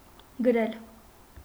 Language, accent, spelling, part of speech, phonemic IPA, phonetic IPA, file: Armenian, Eastern Armenian, գրել, verb, /ɡəˈɾel/, [ɡəɾél], Hy-գրել.ogg
- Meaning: to write